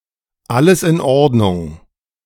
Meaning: everything (is) in order; everything is OK
- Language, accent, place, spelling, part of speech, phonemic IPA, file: German, Germany, Berlin, alles in Ordnung, phrase, /ˈʔaləs ʔɪn ˈʔɔʁtnʊŋ/, De-alles in Ordnung.ogg